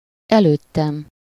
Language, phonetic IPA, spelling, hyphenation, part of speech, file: Hungarian, [ˈɛløːtːɛm], előttem, előt‧tem, pronoun, Hu-előttem.ogg
- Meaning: first-person singular of előtte